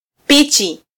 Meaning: peach
- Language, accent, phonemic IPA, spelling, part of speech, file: Swahili, Kenya, /ˈpi.tʃi/, pichi, noun, Sw-ke-pichi.flac